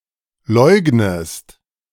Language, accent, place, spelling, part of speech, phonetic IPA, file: German, Germany, Berlin, leugnest, verb, [ˈlɔɪ̯ɡnəst], De-leugnest.ogg
- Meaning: inflection of leugnen: 1. second-person singular present 2. second-person singular subjunctive I